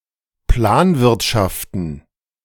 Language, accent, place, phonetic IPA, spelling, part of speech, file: German, Germany, Berlin, [ˈplaːnˌvɪʁtʃaftn̩], Planwirtschaften, noun, De-Planwirtschaften.ogg
- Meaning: plural of Planwirtschaft